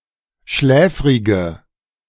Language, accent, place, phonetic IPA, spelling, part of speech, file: German, Germany, Berlin, [ˈʃlɛːfʁɪɡə], schläfrige, adjective, De-schläfrige.ogg
- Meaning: inflection of schläfrig: 1. strong/mixed nominative/accusative feminine singular 2. strong nominative/accusative plural 3. weak nominative all-gender singular